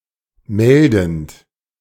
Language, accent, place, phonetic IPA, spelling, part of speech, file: German, Germany, Berlin, [ˈmɛldn̩t], meldend, verb, De-meldend.ogg
- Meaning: present participle of melden